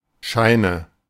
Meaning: nominative/accusative/genitive plural of Schein
- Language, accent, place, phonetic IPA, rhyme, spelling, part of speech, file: German, Germany, Berlin, [ˈʃaɪ̯nə], -aɪ̯nə, Scheine, noun, De-Scheine.ogg